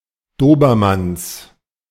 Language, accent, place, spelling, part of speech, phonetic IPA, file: German, Germany, Berlin, Dobermanns, noun, [ˈdoːbɐˌmans], De-Dobermanns.ogg
- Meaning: genitive singular of Dobermann